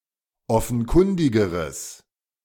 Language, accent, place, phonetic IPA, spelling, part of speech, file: German, Germany, Berlin, [ˈɔfn̩ˌkʊndɪɡəʁəs], offenkundigeres, adjective, De-offenkundigeres.ogg
- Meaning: strong/mixed nominative/accusative neuter singular comparative degree of offenkundig